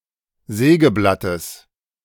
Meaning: genitive singular of Sägeblatt
- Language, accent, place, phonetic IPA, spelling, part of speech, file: German, Germany, Berlin, [ˈzɛːɡəˌblatəs], Sägeblattes, noun, De-Sägeblattes.ogg